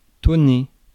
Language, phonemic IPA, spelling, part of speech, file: French, /tɔ.ne/, tonner, verb, Fr-tonner.ogg
- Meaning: 1. to thunder 2. to thunder (to make a noise like thunder)